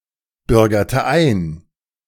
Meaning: inflection of einbürgern: 1. first/third-person singular preterite 2. first/third-person singular subjunctive II
- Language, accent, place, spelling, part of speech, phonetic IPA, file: German, Germany, Berlin, bürgerte ein, verb, [ˌbʏʁɡɐtə ˈaɪ̯n], De-bürgerte ein.ogg